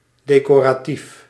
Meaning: decorative
- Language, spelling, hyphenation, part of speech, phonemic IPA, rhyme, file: Dutch, decoratief, de‧co‧ra‧tief, adjective, /ˌdeː.koː.raːˈtif/, -if, Nl-decoratief.ogg